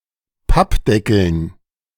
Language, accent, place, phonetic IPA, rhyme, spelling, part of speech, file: German, Germany, Berlin, [ˈpapˌdɛkl̩n], -apdɛkl̩n, Pappdeckeln, noun, De-Pappdeckeln.ogg
- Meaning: dative plural of Pappdeckel